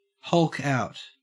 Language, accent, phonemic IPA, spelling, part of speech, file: English, Australia, /hʌlk aʊt/, hulk out, verb, En-au-hulk out.ogg
- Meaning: 1. To become enraged in an imposing or intimidating manner 2. To gain significant muscle mass from exercise